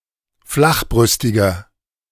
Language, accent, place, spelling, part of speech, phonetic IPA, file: German, Germany, Berlin, flachbrüstiger, adjective, [ˈflaxˌbʁʏstɪɡɐ], De-flachbrüstiger.ogg
- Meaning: 1. comparative degree of flachbrüstig 2. inflection of flachbrüstig: strong/mixed nominative masculine singular 3. inflection of flachbrüstig: strong genitive/dative feminine singular